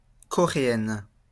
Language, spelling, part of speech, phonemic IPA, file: French, Coréenne, noun, /kɔ.ʁe.ɛn/, LL-Q150 (fra)-Coréenne.wav
- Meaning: female equivalent of Coréen